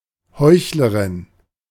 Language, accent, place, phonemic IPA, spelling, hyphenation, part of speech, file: German, Germany, Berlin, /ˈhɔɪ̯çlɐʁɪn/, Heuchlerin, Heuch‧le‧rin, noun, De-Heuchlerin.ogg
- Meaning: female equivalent of Heuchler